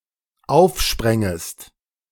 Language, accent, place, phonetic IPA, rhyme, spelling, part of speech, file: German, Germany, Berlin, [ˈaʊ̯fˌʃpʁɛŋəst], -aʊ̯fʃpʁɛŋəst, aufsprängest, verb, De-aufsprängest.ogg
- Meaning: second-person singular dependent subjunctive II of aufspringen